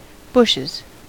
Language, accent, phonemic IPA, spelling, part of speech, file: English, US, /ˈbʊʃɪz/, bushes, noun, En-us-bushes.ogg
- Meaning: plural of bush